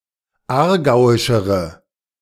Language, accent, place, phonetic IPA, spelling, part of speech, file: German, Germany, Berlin, [ˈaːɐ̯ˌɡaʊ̯ɪʃəʁə], aargauischere, adjective, De-aargauischere.ogg
- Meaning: inflection of aargauisch: 1. strong/mixed nominative/accusative feminine singular comparative degree 2. strong nominative/accusative plural comparative degree